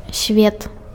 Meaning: world
- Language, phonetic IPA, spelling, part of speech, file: Belarusian, [sʲvʲet], свет, noun, Be-свет.ogg